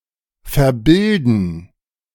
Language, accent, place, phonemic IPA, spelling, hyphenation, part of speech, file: German, Germany, Berlin, /fɛɐ̯ˈbɪldn̩/, verbilden, ver‧bil‧den, verb, De-verbilden.ogg
- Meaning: to miseducate